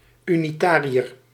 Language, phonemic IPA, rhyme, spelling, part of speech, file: Dutch, /ˌy.niˈtaː.ri.ər/, -aːriər, unitariër, noun, Nl-unitariër.ogg
- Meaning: Unitarian